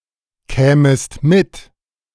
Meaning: second-person singular subjunctive II of mitkommen
- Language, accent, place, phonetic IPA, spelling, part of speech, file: German, Germany, Berlin, [ˌkɛːməst ˈmɪt], kämest mit, verb, De-kämest mit.ogg